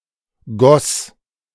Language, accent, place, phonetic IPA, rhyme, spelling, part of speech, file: German, Germany, Berlin, [ɡɔs], -ɔs, goss, verb, De-goss.ogg
- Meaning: first/third-person singular preterite of gießen